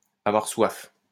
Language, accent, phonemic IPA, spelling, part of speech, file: French, France, /a.vwaʁ swaf/, avoir soif, verb, LL-Q150 (fra)-avoir soif.wav
- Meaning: to be thirsty